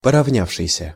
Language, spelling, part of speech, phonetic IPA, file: Russian, поравнявшийся, verb, [pərɐvˈnʲafʂɨjsʲə], Ru-поравнявшийся.ogg
- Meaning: past active perfective participle of поравня́ться (poravnjátʹsja)